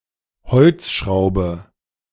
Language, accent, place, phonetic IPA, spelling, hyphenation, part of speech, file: German, Germany, Berlin, [ˈhɔlt͡sˌʃʁaʊ̯bə], Holzschraube, Holz‧schrau‧be, noun, De-Holzschraube.ogg
- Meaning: wood screw